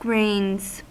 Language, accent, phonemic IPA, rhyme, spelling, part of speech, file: English, US, /ɡɹeɪnz/, -eɪnz, grains, noun / verb, En-us-grains.ogg
- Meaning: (noun) 1. Pigeons' dung used in tanning. See grainer 2. plural of grain; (verb) third-person singular simple present indicative of grain